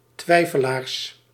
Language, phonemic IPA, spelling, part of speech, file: Dutch, /ˈtwɛifəlars/, twijfelaars, noun, Nl-twijfelaars.ogg
- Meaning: plural of twijfelaar